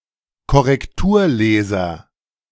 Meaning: proofreader
- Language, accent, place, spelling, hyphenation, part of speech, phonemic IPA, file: German, Germany, Berlin, Korrekturleser, Kor‧rek‧tur‧le‧ser, noun, /kɔʁɛkˈtuːɐ̯ˌleːzɐ/, De-Korrekturleser.ogg